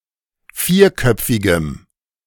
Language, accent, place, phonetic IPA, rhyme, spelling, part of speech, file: German, Germany, Berlin, [ˈfiːɐ̯ˌkœp͡fɪɡəm], -iːɐ̯kœp͡fɪɡəm, vierköpfigem, adjective, De-vierköpfigem.ogg
- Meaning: strong dative masculine/neuter singular of vierköpfig